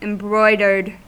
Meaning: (adjective) 1. Decorated with embroidery; covered in decorative needlework 2. Embellished; elaborate, especially when containing superfluous or fictitious details
- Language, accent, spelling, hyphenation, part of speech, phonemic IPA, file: English, US, embroidered, em‧broi‧dered, adjective / verb, /ɪmˈbɹɔɪdɚd/, En-us-embroidered.ogg